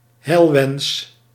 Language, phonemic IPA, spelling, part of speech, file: Dutch, /ˈhɛilwɛns/, heilwens, noun, Nl-heilwens.ogg
- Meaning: wish (for success, health, etc. to someone)